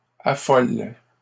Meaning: inflection of affoler: 1. first/third-person singular present indicative/subjunctive 2. second-person singular imperative
- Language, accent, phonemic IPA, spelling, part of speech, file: French, Canada, /a.fɔl/, affole, verb, LL-Q150 (fra)-affole.wav